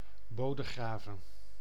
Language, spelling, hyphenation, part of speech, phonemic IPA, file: Dutch, Bodegraven, Bo‧de‧gra‧ven, proper noun, /ˈboː.dəˌɣraː.və(n)/, Nl-Bodegraven.ogg
- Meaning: a village and former municipality of Bodegraven-Reeuwijk, South Holland, Netherlands